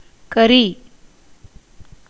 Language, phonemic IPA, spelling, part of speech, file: Tamil, /kɐɾiː/, கரி, noun / verb, Ta-கரி.ogg
- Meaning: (noun) 1. charcoal, charred wood 2. carbon 3. poison 4. black pigment; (verb) 1. to be salty 2. to char, burn, darken (with fire); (noun) 1. witness 2. proof, evidence, testimony 3. guest 4. she-ass